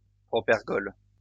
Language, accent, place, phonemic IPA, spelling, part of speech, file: French, France, Lyon, /pʁɔ.pɛʁ.ɡɔl/, propergol, noun, LL-Q150 (fra)-propergol.wav
- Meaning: propellant; rocket fuel